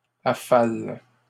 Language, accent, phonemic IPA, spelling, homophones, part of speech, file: French, Canada, /a.fal/, affales, affale / affalent, verb, LL-Q150 (fra)-affales.wav
- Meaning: second-person singular present indicative/subjunctive of affaler